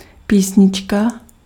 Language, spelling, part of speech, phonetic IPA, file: Czech, písnička, noun, [ˈpiːsɲɪt͡ʃka], Cs-písnička.ogg
- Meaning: 1. diminutive of píseň 2. song (musical composition with lyrics for voice or voices)